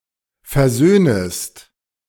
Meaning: second-person singular subjunctive I of versöhnen
- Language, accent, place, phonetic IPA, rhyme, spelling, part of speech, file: German, Germany, Berlin, [fɛɐ̯ˈzøːnəst], -øːnəst, versöhnest, verb, De-versöhnest.ogg